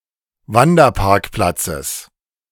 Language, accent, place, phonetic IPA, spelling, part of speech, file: German, Germany, Berlin, [ˈvandɐˌpaʁkplat͡səs], Wanderparkplatzes, noun, De-Wanderparkplatzes.ogg
- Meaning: genitive singular of Wanderparkplatz